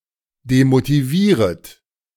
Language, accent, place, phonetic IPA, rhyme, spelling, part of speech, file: German, Germany, Berlin, [demotiˈviːʁət], -iːʁət, demotivieret, verb, De-demotivieret.ogg
- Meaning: second-person plural subjunctive I of demotivieren